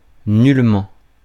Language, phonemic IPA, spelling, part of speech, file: French, /nyl.mɑ̃/, nullement, adverb, Fr-nullement.ogg
- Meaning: used with ne to form negative statements